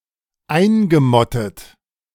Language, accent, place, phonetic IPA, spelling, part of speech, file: German, Germany, Berlin, [ˈaɪ̯nɡəˌmɔtət], eingemottet, verb, De-eingemottet.ogg
- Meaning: past participle of einmotten